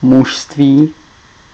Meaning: manhood, masculinity
- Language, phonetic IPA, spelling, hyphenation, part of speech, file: Czech, [ˈmuʃstviː], mužství, muž‧ství, noun, Cs-mužství.ogg